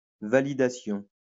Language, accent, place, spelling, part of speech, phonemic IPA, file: French, France, Lyon, validation, noun, /va.li.da.sjɔ̃/, LL-Q150 (fra)-validation.wav
- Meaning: validation